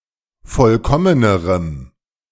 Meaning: strong dative masculine/neuter singular comparative degree of vollkommen
- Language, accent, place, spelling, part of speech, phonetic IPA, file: German, Germany, Berlin, vollkommenerem, adjective, [ˈfɔlkɔmənəʁəm], De-vollkommenerem.ogg